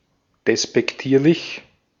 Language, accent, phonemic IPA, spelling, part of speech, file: German, Austria, /despɛkˈtiːɐ̯lɪç/, despektierlich, adjective, De-at-despektierlich.ogg
- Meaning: disrespectful